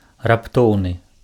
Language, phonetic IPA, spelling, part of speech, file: Belarusian, [rapˈtou̯nɨ], раптоўны, adjective, Be-раптоўны.ogg
- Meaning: abrupt, sudden, unexpected